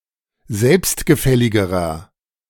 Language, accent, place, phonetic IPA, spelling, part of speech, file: German, Germany, Berlin, [ˈzɛlpstɡəˌfɛlɪɡəʁɐ], selbstgefälligerer, adjective, De-selbstgefälligerer.ogg
- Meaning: inflection of selbstgefällig: 1. strong/mixed nominative masculine singular comparative degree 2. strong genitive/dative feminine singular comparative degree